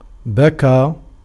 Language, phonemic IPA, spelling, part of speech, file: Arabic, /ba.kaː/, بكى, verb / noun, Ar-بكى.ogg
- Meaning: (verb) 1. to cry, to weep (over) 2. to rain; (noun) verbal noun of بَكَى (bakā) (form I)